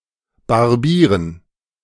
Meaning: to cut (trim, barber) the beard, to shave
- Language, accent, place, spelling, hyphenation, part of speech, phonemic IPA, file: German, Germany, Berlin, barbieren, bar‧bie‧ren, verb, /barˈbiːrən/, De-barbieren.ogg